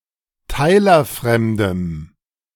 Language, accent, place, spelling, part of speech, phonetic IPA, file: German, Germany, Berlin, teilerfremdem, adjective, [ˈtaɪ̯lɐˌfʁɛmdəm], De-teilerfremdem.ogg
- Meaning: strong dative masculine/neuter singular of teilerfremd